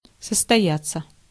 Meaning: 1. to take place, to come about 2. to establish oneself 3. passive of состоя́ть (sostojátʹ)
- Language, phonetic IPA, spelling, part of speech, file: Russian, [səstɐˈjat͡sːə], состояться, verb, Ru-состояться.ogg